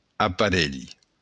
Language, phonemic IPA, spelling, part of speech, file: Occitan, /apaˈɾel/, aparelh, noun, LL-Q942602-aparelh.wav
- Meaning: apparatus, instrument